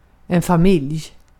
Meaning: family
- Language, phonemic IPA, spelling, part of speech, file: Swedish, /faˈmɪlːj/, familj, noun, Sv-familj.ogg